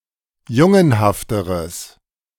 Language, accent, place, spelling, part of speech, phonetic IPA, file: German, Germany, Berlin, jungenhafteres, adjective, [ˈjʊŋənhaftəʁəs], De-jungenhafteres.ogg
- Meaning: strong/mixed nominative/accusative neuter singular comparative degree of jungenhaft